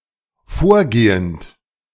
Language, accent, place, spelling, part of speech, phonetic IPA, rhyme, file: German, Germany, Berlin, vorgehend, verb, [ˈfoːɐ̯ˌɡeːənt], -oːɐ̯ɡeːənt, De-vorgehend.ogg
- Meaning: present participle of vorgehen